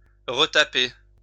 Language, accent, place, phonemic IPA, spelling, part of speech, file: French, France, Lyon, /ʁə.ta.pe/, retaper, verb, LL-Q150 (fra)-retaper.wav
- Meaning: 1. to revamp, refurbish 2. to retype